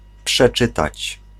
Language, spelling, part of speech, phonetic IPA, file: Polish, przeczytać, verb, [pʃɛˈt͡ʃɨtat͡ɕ], Pl-przeczytać.ogg